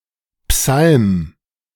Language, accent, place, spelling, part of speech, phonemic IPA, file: German, Germany, Berlin, Psalm, noun, /psalm/, De-Psalm.ogg
- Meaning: psalm (chapter of the biblical book of Psalms)